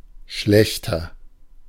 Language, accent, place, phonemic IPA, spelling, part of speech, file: German, Germany, Berlin, /ˈʃlɛçtɐ/, schlechter, adverb / adjective, De-schlechter.ogg
- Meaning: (adverb) worse; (adjective) 1. comparative degree of schlecht 2. inflection of schlecht: strong/mixed nominative masculine singular 3. inflection of schlecht: strong genitive/dative feminine singular